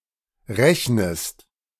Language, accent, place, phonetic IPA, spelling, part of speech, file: German, Germany, Berlin, [ˈʁɛçnəst], rechnest, verb, De-rechnest.ogg
- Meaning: inflection of rechnen: 1. second-person singular present 2. second-person singular subjunctive I